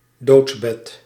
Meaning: deathbed
- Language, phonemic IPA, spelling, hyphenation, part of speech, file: Dutch, /ˈdoːts.bɛt/, doodsbed, doods‧bed, noun, Nl-doodsbed.ogg